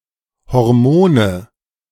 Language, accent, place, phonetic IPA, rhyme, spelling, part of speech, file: German, Germany, Berlin, [hɔʁˈmoːnə], -oːnə, Hormone, noun, De-Hormone.ogg
- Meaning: nominative/accusative/genitive plural of Hormon